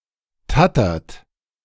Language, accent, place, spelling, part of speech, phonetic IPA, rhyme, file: German, Germany, Berlin, tattert, verb, [ˈtatɐt], -atɐt, De-tattert.ogg
- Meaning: inflection of tattern: 1. second-person plural present 2. third-person singular present 3. plural imperative